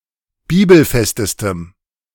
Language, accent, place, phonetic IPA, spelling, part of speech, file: German, Germany, Berlin, [ˈbiːbl̩ˌfɛstəstəm], bibelfestestem, adjective, De-bibelfestestem.ogg
- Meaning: strong dative masculine/neuter singular superlative degree of bibelfest